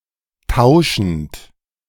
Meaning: present participle of tauschen
- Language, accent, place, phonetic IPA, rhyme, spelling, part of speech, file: German, Germany, Berlin, [ˈtaʊ̯ʃn̩t], -aʊ̯ʃn̩t, tauschend, verb, De-tauschend.ogg